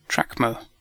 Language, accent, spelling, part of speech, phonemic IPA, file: English, UK, trackmo, noun, /ˈtɹæk.məʊ/, En-uk-trackmo.ogg
- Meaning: A demo that is loaded directly from the physical tracks of a floppy disk instead of loading through the file system